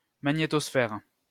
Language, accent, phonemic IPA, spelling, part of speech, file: French, France, /ma.ɲe.tɔs.fɛʁ/, magnétosphère, noun, LL-Q150 (fra)-magnétosphère.wav
- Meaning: magnetosphere